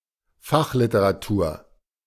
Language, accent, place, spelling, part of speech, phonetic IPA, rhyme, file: German, Germany, Berlin, Fachliteratur, noun, [ˈfaxlɪtəʁaˌtuːɐ̯], -axlɪtəʁatuːɐ̯, De-Fachliteratur.ogg
- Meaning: scientific, specialist or technical (non-fictional) literature